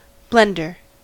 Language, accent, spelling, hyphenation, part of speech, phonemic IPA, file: English, US, blender, blen‧der, noun / verb, /ˈblɛn.dɚ/, En-us-blender.ogg
- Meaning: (noun) A machine with sharp rotating blades in a bowl, for mashing, crushing, or liquefying food ingredients